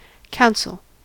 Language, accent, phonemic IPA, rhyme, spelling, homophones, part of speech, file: English, US, /ˈkaʊn.səl/, -aʊnsəl, counsel, council, noun / verb, En-us-counsel.ogg
- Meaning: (noun) 1. The exchange of opinions and advice especially in legal issues; consultation 2. Exercise of judgment; prudence 3. Advice; guidance 4. Deliberate purpose; design; intent; scheme; plan